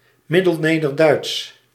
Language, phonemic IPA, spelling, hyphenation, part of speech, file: Dutch, /ˌmɪ.dəlˈneː.dər.dœy̯ts/, Middelnederduits, Mid‧del‧ne‧der‧duits, proper noun / adjective, Nl-Middelnederduits.ogg
- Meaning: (proper noun) Middle Low German